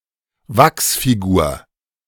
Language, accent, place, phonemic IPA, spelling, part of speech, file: German, Germany, Berlin, /ˈvaks.fi.ɡuːɐ̯/, Wachsfigur, noun, De-Wachsfigur.ogg
- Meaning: wax figure